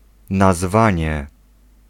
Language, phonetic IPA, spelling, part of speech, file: Polish, [naˈzvãɲɛ], nazwanie, noun, Pl-nazwanie.ogg